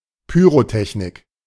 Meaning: pyrotechnics
- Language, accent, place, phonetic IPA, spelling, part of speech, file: German, Germany, Berlin, [ˈpyːʁoˌtɛçnɪk], Pyrotechnik, noun, De-Pyrotechnik.ogg